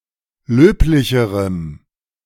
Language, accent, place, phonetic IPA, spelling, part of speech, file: German, Germany, Berlin, [ˈløːplɪçəʁəm], löblicherem, adjective, De-löblicherem.ogg
- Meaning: strong dative masculine/neuter singular comparative degree of löblich